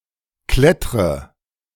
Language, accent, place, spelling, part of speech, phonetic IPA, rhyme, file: German, Germany, Berlin, klettre, verb, [ˈklɛtʁə], -ɛtʁə, De-klettre.ogg
- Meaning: inflection of klettern: 1. first-person singular present 2. first/third-person singular subjunctive I 3. singular imperative